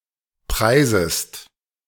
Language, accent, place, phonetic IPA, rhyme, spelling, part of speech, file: German, Germany, Berlin, [ˈpʁaɪ̯zəst], -aɪ̯zəst, preisest, verb, De-preisest.ogg
- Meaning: second-person singular subjunctive I of preisen